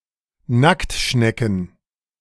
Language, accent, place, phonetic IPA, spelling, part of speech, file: German, Germany, Berlin, [ˈnaktˌʃnɛkn̩], Nacktschnecken, noun, De-Nacktschnecken.ogg
- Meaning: plural of Nacktschnecke